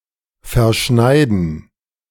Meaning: 1. to cut, to trim something to fit 2. to miscut, to cut something badly 3. to lose control over keeping the skis parallel
- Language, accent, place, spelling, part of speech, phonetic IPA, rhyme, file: German, Germany, Berlin, verschneiden, verb, [fɛɐ̯ˈʃnaɪ̯dn̩], -aɪ̯dn̩, De-verschneiden.ogg